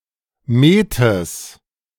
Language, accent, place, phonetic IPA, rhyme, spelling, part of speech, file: German, Germany, Berlin, [meːtəs], -eːtəs, Metes, noun, De-Metes.ogg
- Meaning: genitive singular of Met